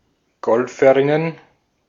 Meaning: plural of Golferin
- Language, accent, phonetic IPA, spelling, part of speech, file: German, Austria, [ˈɡɔlfəʁɪnən], Golferinnen, noun, De-at-Golferinnen.ogg